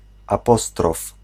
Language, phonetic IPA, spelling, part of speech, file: Polish, [aˈpɔstrɔf], apostrof, noun, Pl-apostrof.ogg